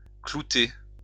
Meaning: to decorate with nails; to stud
- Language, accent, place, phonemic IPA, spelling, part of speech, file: French, France, Lyon, /klu.te/, clouter, verb, LL-Q150 (fra)-clouter.wav